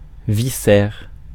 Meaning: viscera, intestines
- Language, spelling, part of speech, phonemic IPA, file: French, viscère, noun, /vi.sɛʁ/, Fr-viscère.ogg